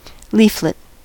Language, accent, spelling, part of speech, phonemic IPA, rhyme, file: English, US, leaflet, noun / verb, /ˈliːflɪt/, -iːflɪt, En-us-leaflet.ogg
- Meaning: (noun) 1. One of the components of a compound leaf 2. A small plant leaf 3. A small sheet of paper containing information, used for dissemination of said information, often an advertisement